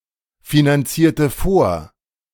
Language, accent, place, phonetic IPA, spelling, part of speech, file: German, Germany, Berlin, [finanˌt͡siːɐ̯tə ˈfoːɐ̯], finanzierte vor, verb, De-finanzierte vor.ogg
- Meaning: inflection of vorfinanzieren: 1. first/third-person singular preterite 2. first/third-person singular subjunctive II